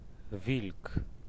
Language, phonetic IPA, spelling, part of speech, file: Polish, [vʲilk], wilk, noun, Pl-wilk.ogg